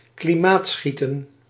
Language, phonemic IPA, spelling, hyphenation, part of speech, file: Dutch, /kliˈmaːtˌsxi.tə(n)/, klimaatschieten, kli‧maat‧schie‧ten, verb, Nl-klimaatschieten.ogg
- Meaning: to enjoy the evening, to idle, to relax (during the evening)